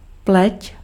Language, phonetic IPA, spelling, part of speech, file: Czech, [ˈplɛc], pleť, noun / verb, Cs-pleť.ogg
- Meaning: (noun) 1. complexion (quality, colour, or appearance of the skin on the face) 2. skin (outer protective layer of the body of a human but not any animal)